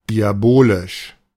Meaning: diabolic (showing wickedness typical of a devil)
- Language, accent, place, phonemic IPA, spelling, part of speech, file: German, Germany, Berlin, /ˌdiaˈboːlɪʃ/, diabolisch, adjective, De-diabolisch.ogg